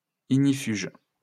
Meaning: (adjective) fireproof, fire-retardant; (noun) fire retardant; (verb) inflection of ignifuger: 1. first/third-person singular present indicative/subjunctive 2. second-person singular imperative
- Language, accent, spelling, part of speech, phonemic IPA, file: French, France, ignifuge, adjective / noun / verb, /iɡ.ni.fyʒ/, LL-Q150 (fra)-ignifuge.wav